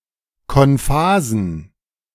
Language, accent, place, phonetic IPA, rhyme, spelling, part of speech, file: German, Germany, Berlin, [kɔnˈfaːzn̩], -aːzn̩, konphasen, adjective, De-konphasen.ogg
- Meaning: inflection of konphas: 1. strong genitive masculine/neuter singular 2. weak/mixed genitive/dative all-gender singular 3. strong/weak/mixed accusative masculine singular 4. strong dative plural